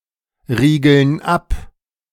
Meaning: inflection of abriegeln: 1. first/third-person plural present 2. first/third-person plural subjunctive I
- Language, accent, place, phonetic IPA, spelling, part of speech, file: German, Germany, Berlin, [ˌʁiːɡl̩n ˈap], riegeln ab, verb, De-riegeln ab.ogg